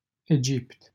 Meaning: Egypt (a country in North Africa and West Asia)
- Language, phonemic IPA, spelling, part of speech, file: Romanian, /eˈd͡ʒipt/, Egipt, proper noun, LL-Q7913 (ron)-Egipt.wav